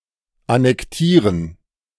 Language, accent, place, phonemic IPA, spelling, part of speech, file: German, Germany, Berlin, /anɛkˈtiːrən/, annektieren, verb, De-annektieren.ogg
- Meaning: to annex